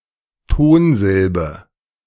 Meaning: stressed syllable
- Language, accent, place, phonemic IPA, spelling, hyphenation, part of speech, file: German, Germany, Berlin, /ˈtoːnˌzɪlbə/, Tonsilbe, Ton‧sil‧be, noun, De-Tonsilbe.ogg